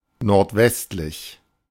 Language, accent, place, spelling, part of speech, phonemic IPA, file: German, Germany, Berlin, nordwestlich, adjective / adverb, /nɔʁtˈvɛstlɪç/, De-nordwestlich.ogg
- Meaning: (adjective) northwest, northwesterly; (adverb) northwesterly